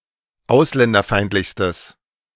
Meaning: strong/mixed nominative/accusative neuter singular superlative degree of ausländerfeindlich
- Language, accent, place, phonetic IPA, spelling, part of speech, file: German, Germany, Berlin, [ˈaʊ̯slɛndɐˌfaɪ̯ntlɪçstəs], ausländerfeindlichstes, adjective, De-ausländerfeindlichstes.ogg